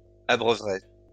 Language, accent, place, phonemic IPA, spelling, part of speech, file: French, France, Lyon, /a.bʁœ.vʁɛ/, abreuveraient, verb, LL-Q150 (fra)-abreuveraient.wav
- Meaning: third-person plural conditional of abreuver